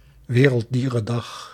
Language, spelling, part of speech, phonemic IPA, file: Dutch, Werelddierendag, proper noun, /ˌwerəlˈdirə(n)ˌdɑx/, Nl-Werelddierendag.ogg
- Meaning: World Animal Day (4 October)